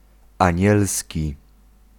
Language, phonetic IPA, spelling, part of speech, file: Polish, [ãˈɲɛlsʲci], anielski, adjective, Pl-anielski.ogg